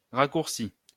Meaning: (noun) 1. shortcut (a path between two locations that is shorter than more conventional routes) 2. foreshortening
- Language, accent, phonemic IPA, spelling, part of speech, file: French, France, /ʁa.kuʁ.si/, raccourci, noun / verb, LL-Q150 (fra)-raccourci.wav